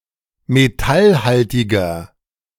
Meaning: inflection of metallhaltig: 1. strong/mixed nominative masculine singular 2. strong genitive/dative feminine singular 3. strong genitive plural
- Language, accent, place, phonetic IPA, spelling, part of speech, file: German, Germany, Berlin, [meˈtalˌhaltɪɡɐ], metallhaltiger, adjective, De-metallhaltiger.ogg